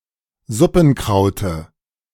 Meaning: dative singular of Suppenkraut
- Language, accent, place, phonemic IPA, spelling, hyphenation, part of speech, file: German, Germany, Berlin, /ˈzʊpn̩ˌkʀaʊ̯tə/, Suppenkraute, Sup‧pen‧krau‧te, noun, De-Suppenkraute.ogg